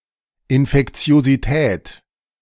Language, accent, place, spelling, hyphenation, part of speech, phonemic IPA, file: German, Germany, Berlin, Infektiosität, In‧fek‧ti‧o‧si‧tät, noun, /ˌɪnfɛkt͡si̯oziˈtɛːt/, De-Infektiosität.ogg
- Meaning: infectiousness